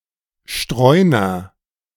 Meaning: 1. stray 2. wanderer
- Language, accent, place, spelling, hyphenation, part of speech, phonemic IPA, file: German, Germany, Berlin, Streuner, Streu‧ner, noun, /ˈʃtʁɔɪ̯nɐ/, De-Streuner.ogg